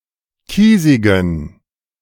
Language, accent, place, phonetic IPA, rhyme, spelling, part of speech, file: German, Germany, Berlin, [ˈkiːzɪɡn̩], -iːzɪɡn̩, kiesigen, adjective, De-kiesigen.ogg
- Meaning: inflection of kiesig: 1. strong genitive masculine/neuter singular 2. weak/mixed genitive/dative all-gender singular 3. strong/weak/mixed accusative masculine singular 4. strong dative plural